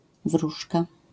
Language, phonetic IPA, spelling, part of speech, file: Polish, [ˈvruʃka], wróżka, noun, LL-Q809 (pol)-wróżka.wav